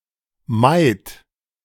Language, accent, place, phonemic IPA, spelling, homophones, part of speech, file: German, Germany, Berlin, /maɪ̯t/, Maid, meid, noun, De-Maid.ogg
- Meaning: girl, maiden, virgin